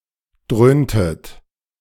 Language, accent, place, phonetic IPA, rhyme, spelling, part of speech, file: German, Germany, Berlin, [ˈdʁøːntət], -øːntət, dröhntet, verb, De-dröhntet.ogg
- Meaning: inflection of dröhnen: 1. second-person plural preterite 2. second-person plural subjunctive II